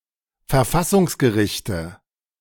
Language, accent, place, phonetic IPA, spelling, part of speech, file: German, Germany, Berlin, [fɛɐ̯ˈfasʊŋsɡəˌʁɪçtə], Verfassungsgerichte, noun, De-Verfassungsgerichte.ogg
- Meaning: nominative/accusative/genitive plural of Verfassungsgericht